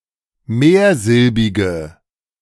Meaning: inflection of mehrsilbig: 1. strong/mixed nominative/accusative feminine singular 2. strong nominative/accusative plural 3. weak nominative all-gender singular
- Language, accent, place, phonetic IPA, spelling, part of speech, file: German, Germany, Berlin, [ˈmeːɐ̯ˌzɪlbɪɡə], mehrsilbige, adjective, De-mehrsilbige.ogg